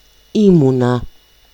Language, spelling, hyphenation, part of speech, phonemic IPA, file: Greek, ήμουνα, ή‧μου‧να, verb, /ˈimuna/, El-ήμουνα.ogg
- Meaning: first-person singular imperfect of είμαι (eímai): "I was"